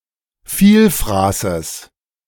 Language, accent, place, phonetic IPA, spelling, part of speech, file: German, Germany, Berlin, [ˈfiːlfʁaːsəs], Vielfraßes, noun, De-Vielfraßes.ogg
- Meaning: genitive singular of Vielfraß